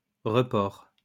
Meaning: 1. postponement 2. deferment
- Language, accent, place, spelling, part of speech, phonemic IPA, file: French, France, Lyon, report, noun, /ʁə.pɔʁ/, LL-Q150 (fra)-report.wav